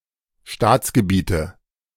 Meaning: nominative/accusative/genitive plural of Staatsgebiet
- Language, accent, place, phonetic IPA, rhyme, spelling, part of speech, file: German, Germany, Berlin, [ˈʃtaːt͡sɡəˌbiːtə], -aːt͡sɡəbiːtə, Staatsgebiete, noun, De-Staatsgebiete.ogg